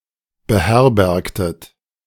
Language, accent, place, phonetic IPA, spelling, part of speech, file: German, Germany, Berlin, [bəˈhɛʁbɛʁktət], beherbergtet, verb, De-beherbergtet.ogg
- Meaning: inflection of beherbergen: 1. second-person plural preterite 2. second-person plural subjunctive II